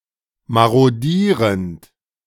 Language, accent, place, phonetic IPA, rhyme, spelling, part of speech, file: German, Germany, Berlin, [ˌmaʁoˈdiːʁənt], -iːʁənt, marodierend, verb, De-marodierend.ogg
- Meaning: present participle of marodieren